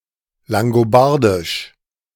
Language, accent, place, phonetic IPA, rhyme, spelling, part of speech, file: German, Germany, Berlin, [laŋɡoˈbaʁdɪʃ], -aʁdɪʃ, langobardisch, adjective, De-langobardisch.ogg
- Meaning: Lombardic (of or pertaining to the Lombards)